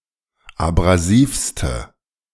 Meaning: inflection of abrasiv: 1. strong/mixed nominative/accusative feminine singular superlative degree 2. strong nominative/accusative plural superlative degree
- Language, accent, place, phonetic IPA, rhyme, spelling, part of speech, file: German, Germany, Berlin, [abʁaˈziːfstə], -iːfstə, abrasivste, adjective, De-abrasivste.ogg